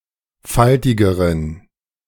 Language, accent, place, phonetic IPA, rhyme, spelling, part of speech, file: German, Germany, Berlin, [ˈfaltɪɡəʁən], -altɪɡəʁən, faltigeren, adjective, De-faltigeren.ogg
- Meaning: inflection of faltig: 1. strong genitive masculine/neuter singular comparative degree 2. weak/mixed genitive/dative all-gender singular comparative degree